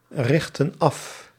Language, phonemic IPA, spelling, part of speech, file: Dutch, /ˈrɪxtə(n) ˈɑf/, richten af, verb, Nl-richten af.ogg
- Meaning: inflection of africhten: 1. plural present indicative 2. plural present subjunctive